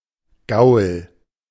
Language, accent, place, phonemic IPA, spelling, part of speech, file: German, Germany, Berlin, /ɡaʊ̯l/, Gaul, noun, De-Gaul.ogg
- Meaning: horse, hack (now chiefly derogatory, but less so for working horses, and not at all in regional usage)